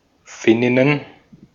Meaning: plural of Finnin
- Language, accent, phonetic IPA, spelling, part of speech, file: German, Austria, [ˈfɪnɪnən], Finninnen, noun, De-at-Finninnen.ogg